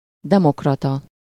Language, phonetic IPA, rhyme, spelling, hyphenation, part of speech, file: Hungarian, [ˈdɛmokrɒtɒ], -tɒ, demokrata, de‧mok‧ra‧ta, adjective / noun, Hu-demokrata.ogg
- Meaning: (adjective) synonym of demokratikus (“democratic”), in a narrower sense; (noun) democrat